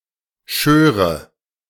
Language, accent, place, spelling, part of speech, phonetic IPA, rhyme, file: German, Germany, Berlin, schöre, verb, [ˈʃøːʁə], -øːʁə, De-schöre.ogg
- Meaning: first/third-person singular subjunctive II of scheren